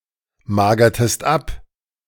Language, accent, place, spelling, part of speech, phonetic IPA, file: German, Germany, Berlin, magertest ab, verb, [ˌmaːɡɐtəst ˈap], De-magertest ab.ogg
- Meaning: inflection of abmagern: 1. second-person singular preterite 2. second-person singular subjunctive II